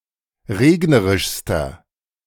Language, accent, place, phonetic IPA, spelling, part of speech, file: German, Germany, Berlin, [ˈʁeːɡnəʁɪʃstɐ], regnerischster, adjective, De-regnerischster.ogg
- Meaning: inflection of regnerisch: 1. strong/mixed nominative masculine singular superlative degree 2. strong genitive/dative feminine singular superlative degree 3. strong genitive plural superlative degree